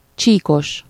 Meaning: 1. striped (having stripes, decorated or marked with bands differing in color) 2. with/containing loach (of a lake that is full of this freshwater fish)
- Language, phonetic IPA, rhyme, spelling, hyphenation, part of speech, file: Hungarian, [ˈt͡ʃiːkoʃ], -oʃ, csíkos, csí‧kos, adjective, Hu-csíkos.ogg